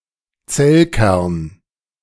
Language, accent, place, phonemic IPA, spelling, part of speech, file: German, Germany, Berlin, /ˈt͡sɛlˌkɛʁn/, Zellkern, noun, De-Zellkern.ogg
- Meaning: nucleus (of a cell)